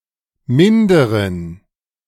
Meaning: inflection of minder: 1. strong genitive masculine/neuter singular 2. weak/mixed genitive/dative all-gender singular 3. strong/weak/mixed accusative masculine singular 4. strong dative plural
- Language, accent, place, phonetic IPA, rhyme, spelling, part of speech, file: German, Germany, Berlin, [ˈmɪndəʁən], -ɪndəʁən, minderen, adjective, De-minderen.ogg